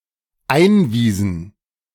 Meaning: inflection of einweisen: 1. first/third-person plural dependent preterite 2. first/third-person plural dependent subjunctive II
- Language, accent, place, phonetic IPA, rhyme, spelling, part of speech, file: German, Germany, Berlin, [ˈaɪ̯nˌviːzn̩], -aɪ̯nviːzn̩, einwiesen, verb, De-einwiesen.ogg